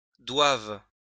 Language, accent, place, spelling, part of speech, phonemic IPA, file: French, France, Lyon, doivent, verb, /dwav/, LL-Q150 (fra)-doivent.wav
- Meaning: third-person plural present indicative/subjunctive of devoir